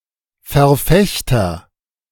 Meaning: 1. advocate, champion 2. stickler
- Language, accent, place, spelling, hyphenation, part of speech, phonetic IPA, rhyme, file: German, Germany, Berlin, Verfechter, Ver‧fech‧ter, noun, [fɛɐ̯ˈfɛçtɐ], -ɛçtɐ, De-Verfechter.ogg